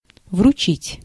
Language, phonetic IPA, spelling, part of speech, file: Russian, [vrʊˈt͡ɕitʲ], вручить, verb, Ru-вручить.ogg
- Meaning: 1. to hand over, to deliver, to present 2. to entrust